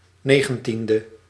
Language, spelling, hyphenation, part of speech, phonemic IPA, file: Dutch, negentiende, ne‧gen‧tien‧de, adjective, /ˈneː.ɣə(n)ˌtin.də/, Nl-negentiende.ogg
- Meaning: nineteenth